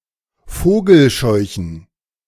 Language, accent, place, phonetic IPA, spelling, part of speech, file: German, Germany, Berlin, [ˈfoːɡl̩ˌʃɔɪ̯çn̩], Vogelscheuchen, noun, De-Vogelscheuchen.ogg
- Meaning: plural of Vogelscheuche